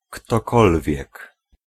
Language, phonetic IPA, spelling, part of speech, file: Polish, [ktɔˈkɔlvʲjɛk], ktokolwiek, pronoun, Pl-ktokolwiek.ogg